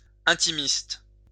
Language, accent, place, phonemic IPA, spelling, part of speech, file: French, France, Lyon, /ɛ̃.ti.mist/, intimiste, noun, LL-Q150 (fra)-intimiste.wav
- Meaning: intimist